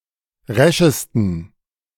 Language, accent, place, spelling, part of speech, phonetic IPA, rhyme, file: German, Germany, Berlin, reschesten, adjective, [ˈʁɛʃəstn̩], -ɛʃəstn̩, De-reschesten.ogg
- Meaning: 1. superlative degree of resch 2. inflection of resch: strong genitive masculine/neuter singular superlative degree